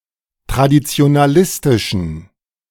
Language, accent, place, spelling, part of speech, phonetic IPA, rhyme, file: German, Germany, Berlin, traditionalistischen, adjective, [tʁadit͡si̯onaˈlɪstɪʃn̩], -ɪstɪʃn̩, De-traditionalistischen.ogg
- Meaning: inflection of traditionalistisch: 1. strong genitive masculine/neuter singular 2. weak/mixed genitive/dative all-gender singular 3. strong/weak/mixed accusative masculine singular